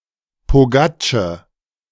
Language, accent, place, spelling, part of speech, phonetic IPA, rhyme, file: German, Germany, Berlin, Pogatsche, noun, [poˈɡaːt͡ʃə], -aːt͡ʃə, De-Pogatsche.ogg
- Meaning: A type of small pancake